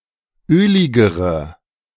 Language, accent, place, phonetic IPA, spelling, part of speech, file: German, Germany, Berlin, [ˈøːlɪɡəʁə], öligere, adjective, De-öligere.ogg
- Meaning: inflection of ölig: 1. strong/mixed nominative/accusative feminine singular comparative degree 2. strong nominative/accusative plural comparative degree